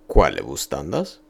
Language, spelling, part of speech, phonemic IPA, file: Ido, quale vu standas, phrase, /ˈkwa.le vu ˈstan.das/, Io-se-quale vu standas.ogg
- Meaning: how are you?